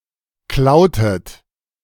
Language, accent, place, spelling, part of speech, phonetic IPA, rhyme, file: German, Germany, Berlin, klautet, verb, [ˈklaʊ̯tət], -aʊ̯tət, De-klautet.ogg
- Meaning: inflection of klauen: 1. second-person plural preterite 2. second-person plural subjunctive II